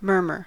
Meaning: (noun) 1. Any low, indistinct sound, like that of running water 2. Soft indistinct speech 3. The sound made by any condition which produces a noisy, or turbulent, flow of blood through the heart
- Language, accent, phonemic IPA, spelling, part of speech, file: English, US, /ˈmɝ.mɚ/, murmur, noun / verb, En-us-murmur.ogg